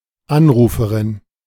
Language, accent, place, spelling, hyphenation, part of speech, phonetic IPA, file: German, Germany, Berlin, Anruferin, An‧ru‧fe‧rin, noun, [ˈanˌʀuːfəʀɪn], De-Anruferin.ogg
- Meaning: female equivalent of Anrufer